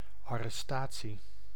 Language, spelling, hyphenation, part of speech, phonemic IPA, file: Dutch, arrestatie, ar‧res‧ta‧tie, noun, /ˌɑ.rɛˈstaː.(t)si/, Nl-arrestatie.ogg
- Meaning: 1. arrest (the act of arresting a criminal, suspect etc.) 2. (temporary) confiscation of possessions